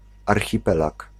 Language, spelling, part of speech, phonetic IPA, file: Polish, archipelag, noun, [ˌarxʲiˈpɛlak], Pl-archipelag.ogg